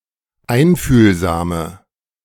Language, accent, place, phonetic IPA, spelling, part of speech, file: German, Germany, Berlin, [ˈaɪ̯nfyːlzaːmə], einfühlsame, adjective, De-einfühlsame.ogg
- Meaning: inflection of einfühlsam: 1. strong/mixed nominative/accusative feminine singular 2. strong nominative/accusative plural 3. weak nominative all-gender singular